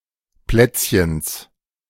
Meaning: genitive singular of Plätzchen
- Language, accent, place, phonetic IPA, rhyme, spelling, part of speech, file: German, Germany, Berlin, [ˈplɛt͡sçəns], -ɛt͡sçəns, Plätzchens, noun, De-Plätzchens.ogg